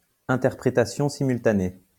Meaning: simultaneous interpreting, simultaneous interpretation
- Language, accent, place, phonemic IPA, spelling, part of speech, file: French, France, Lyon, /ɛ̃.tɛʁ.pʁe.ta.sjɔ̃ si.myl.ta.ne/, interprétation simultanée, noun, LL-Q150 (fra)-interprétation simultanée.wav